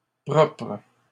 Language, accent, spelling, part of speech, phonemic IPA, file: French, Canada, propres, adjective, /pʁɔpʁ/, LL-Q150 (fra)-propres.wav
- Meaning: plural of propre